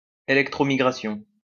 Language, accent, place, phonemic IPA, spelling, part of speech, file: French, France, Lyon, /e.lɛk.tʁɔ.mi.ɡʁa.sjɔ̃/, électromigration, noun, LL-Q150 (fra)-électromigration.wav
- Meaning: electromigration